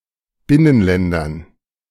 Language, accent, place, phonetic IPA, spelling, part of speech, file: German, Germany, Berlin, [ˈbɪnənˌlɛndɐn], Binnenländern, noun, De-Binnenländern.ogg
- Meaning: dative plural of Binnenland